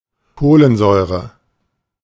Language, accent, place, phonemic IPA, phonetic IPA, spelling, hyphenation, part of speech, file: German, Germany, Berlin, /ˈkoːlənˌzɔʏ̯ʁə/, [ˈkʰoːlənˌzɔʏ̯ʁə], Kohlensäure, Koh‧len‧säu‧re, noun, De-Kohlensäure.ogg
- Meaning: carbonic acid (H₂CO₃)